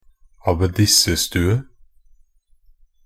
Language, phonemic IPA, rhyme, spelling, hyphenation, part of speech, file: Norwegian Bokmål, /abeˈdɪsːə.stʉːə/, -ʉːə, abbedissestue, ab‧bed‧is‧se‧stu‧e, noun, Nb-abbedissestue.ogg
- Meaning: the room belonging to an abbess in a nunnery